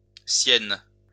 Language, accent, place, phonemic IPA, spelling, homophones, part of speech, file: French, France, Lyon, /sjɛn/, siennes, sienne / Sienne / Syène, adjective, LL-Q150 (fra)-siennes.wav
- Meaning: feminine plural of sien